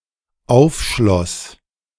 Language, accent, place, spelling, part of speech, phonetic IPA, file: German, Germany, Berlin, aufschloss, verb, [ˈaʊ̯fˌʃlɔs], De-aufschloss.ogg
- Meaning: first/third-person singular dependent preterite of aufschließen